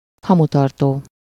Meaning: ashtray (a receptacle for ash and butts from cigarettes and cigars)
- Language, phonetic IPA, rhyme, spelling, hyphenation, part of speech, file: Hungarian, [ˈhɒmutɒrtoː], -toː, hamutartó, ha‧mu‧tar‧tó, noun, Hu-hamutartó.ogg